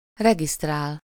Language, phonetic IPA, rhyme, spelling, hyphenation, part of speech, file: Hungarian, [ˈrɛɡistraːl], -aːl, regisztrál, re‧giszt‧rál, verb, Hu-regisztrál.ogg
- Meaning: 1. to register, enlist 2. to sign up (someone) 3. to sign up